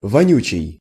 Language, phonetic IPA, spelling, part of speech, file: Russian, [vɐˈnʲʉt͡ɕɪj], вонючий, adjective, Ru-вонючий.ogg
- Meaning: stinking, stinky, smelly